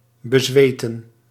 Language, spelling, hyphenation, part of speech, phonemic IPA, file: Dutch, bezweten, be‧zwe‧ten, verb, /bəˈzʋeː.tə(n)/, Nl-bezweten.ogg
- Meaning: to cover in sweat (usually due to exertion)